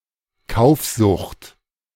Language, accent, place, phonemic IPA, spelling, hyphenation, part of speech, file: German, Germany, Berlin, /ˈkaʊ̯fzʊxt/, Kaufsucht, Kauf‧sucht, noun, De-Kaufsucht.ogg
- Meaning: shopping addiction, shopaholism